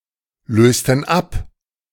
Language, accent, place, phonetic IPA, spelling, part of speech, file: German, Germany, Berlin, [ˌløːstn̩ ˈap], lösten ab, verb, De-lösten ab.ogg
- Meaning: inflection of ablösen: 1. first/third-person plural preterite 2. first/third-person plural subjunctive II